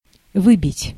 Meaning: to beat out, to knock out, to dislodge
- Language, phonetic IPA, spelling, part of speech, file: Russian, [ˈvɨbʲɪtʲ], выбить, verb, Ru-выбить.ogg